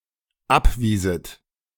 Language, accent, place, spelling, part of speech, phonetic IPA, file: German, Germany, Berlin, abwieset, verb, [ˈapˌviːzət], De-abwieset.ogg
- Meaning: second-person plural dependent subjunctive II of abweisen